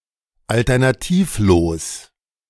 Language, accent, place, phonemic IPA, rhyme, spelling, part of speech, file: German, Germany, Berlin, /ˌaltɐnaˈtiːfˌloːs/, -oːs, alternativlos, adjective, De-alternativlos.ogg
- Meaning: without alternative, unavoidable